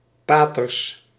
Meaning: plural of pater
- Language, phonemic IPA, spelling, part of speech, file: Dutch, /ˈpatərs/, paters, noun, Nl-paters.ogg